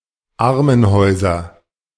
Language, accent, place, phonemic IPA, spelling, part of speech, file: German, Germany, Berlin, /ˈʔaʁmənˌhɔɪ̯zɐ/, Armenhäuser, noun, De-Armenhäuser.ogg
- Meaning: nominative/accusative/genitive plural of Armenhaus